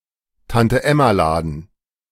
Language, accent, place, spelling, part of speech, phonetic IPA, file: German, Germany, Berlin, Tante-Emma-Laden, noun, [ˌtantəˈʔɛmaˌlaːdn̩], De-Tante-Emma-Laden.ogg
- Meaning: mom-and-pop grocery store, mom-and-pop convenience store